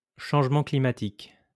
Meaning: climate change
- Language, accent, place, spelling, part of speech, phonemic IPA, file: French, France, Lyon, changement climatique, noun, /ʃɑ̃ʒ.mɑ̃ kli.ma.tik/, LL-Q150 (fra)-changement climatique.wav